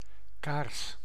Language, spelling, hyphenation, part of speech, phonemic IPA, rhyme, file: Dutch, kaars, kaars, noun, /kaːrs/, -aːrs, Nl-kaars.ogg
- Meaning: candle